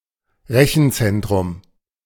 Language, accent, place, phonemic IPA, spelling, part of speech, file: German, Germany, Berlin, /ˈʁɛçn̩ˌt͡sɛntʁʊm/, Rechenzentrum, noun, De-Rechenzentrum.ogg
- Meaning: data center